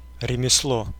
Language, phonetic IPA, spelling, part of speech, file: Russian, [rʲɪmʲɪsˈɫo], ремесло, noun, Ru-ремесло.ogg
- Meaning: 1. trade, craft (skilled practice) 2. handicraft 3. profession, occupation 4. uncreative work, unimaginative work, work according to a template